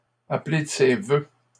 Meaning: to wish, to call for
- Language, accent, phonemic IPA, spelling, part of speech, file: French, Canada, /a.ple d(ə) se vø/, appeler de ses vœux, verb, LL-Q150 (fra)-appeler de ses vœux.wav